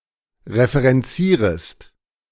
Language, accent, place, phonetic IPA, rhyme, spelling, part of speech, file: German, Germany, Berlin, [ʁefəʁɛnˈt͡siːʁəst], -iːʁəst, referenzierest, verb, De-referenzierest.ogg
- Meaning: second-person singular subjunctive I of referenzieren